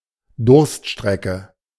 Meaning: dry spell
- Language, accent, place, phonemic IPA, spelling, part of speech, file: German, Germany, Berlin, /ˈdʊʁstˌʃtʁɛkə/, Durststrecke, noun, De-Durststrecke.ogg